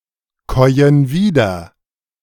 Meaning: inflection of wiederkäuen: 1. first/third-person plural present 2. first/third-person plural subjunctive I
- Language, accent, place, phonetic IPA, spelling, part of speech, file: German, Germany, Berlin, [ˌkɔɪ̯ən ˈviːdɐ], käuen wieder, verb, De-käuen wieder.ogg